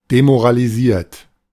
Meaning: 1. past participle of demoralisieren 2. inflection of demoralisieren: third-person singular present 3. inflection of demoralisieren: second-person plural present
- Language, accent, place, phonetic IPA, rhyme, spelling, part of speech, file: German, Germany, Berlin, [demoʁaliˈziːɐ̯t], -iːɐ̯t, demoralisiert, verb, De-demoralisiert.ogg